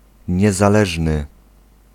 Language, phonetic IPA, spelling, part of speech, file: Polish, [ˌɲɛzaˈlɛʒnɨ], niezależny, adjective, Pl-niezależny.ogg